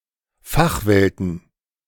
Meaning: plural of Fachwelt
- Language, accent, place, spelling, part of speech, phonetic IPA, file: German, Germany, Berlin, Fachwelten, noun, [ˈfaxˌvɛltn̩], De-Fachwelten.ogg